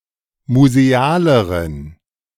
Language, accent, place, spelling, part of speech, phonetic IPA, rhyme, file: German, Germany, Berlin, musealeren, adjective, [muzeˈaːləʁən], -aːləʁən, De-musealeren.ogg
- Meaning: inflection of museal: 1. strong genitive masculine/neuter singular comparative degree 2. weak/mixed genitive/dative all-gender singular comparative degree